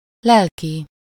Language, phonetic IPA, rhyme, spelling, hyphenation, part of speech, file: Hungarian, [ˈlɛlki], -ki, lelki, lel‧ki, adjective, Hu-lelki.ogg
- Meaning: spiritual